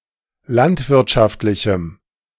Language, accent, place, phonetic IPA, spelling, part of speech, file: German, Germany, Berlin, [ˈlantvɪʁtʃaftlɪçm̩], landwirtschaftlichem, adjective, De-landwirtschaftlichem.ogg
- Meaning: strong dative masculine/neuter singular of landwirtschaftlich